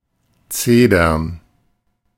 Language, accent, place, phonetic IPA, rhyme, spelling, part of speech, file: German, Germany, Berlin, [ˈt͡seːdɐn], -eːdɐn, Zedern, noun, De-Zedern.ogg
- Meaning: plural of Zeder